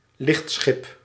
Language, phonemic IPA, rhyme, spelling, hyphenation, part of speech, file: Dutch, /ˈlɪxtsxɪp/, -ɪp, lichtschip, licht‧schip, noun, Nl-lichtschip.ogg
- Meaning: lightship, lightvessel